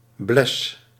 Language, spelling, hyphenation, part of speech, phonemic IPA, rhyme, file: Dutch, bles, bles, noun, /blɛs/, -ɛs, Nl-bles.ogg
- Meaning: blaze (light-coloured spot on a horse's face)